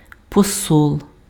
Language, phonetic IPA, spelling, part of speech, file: Ukrainian, [pɔˈsɔɫ], посол, noun, Uk-посол.ogg
- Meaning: ambassador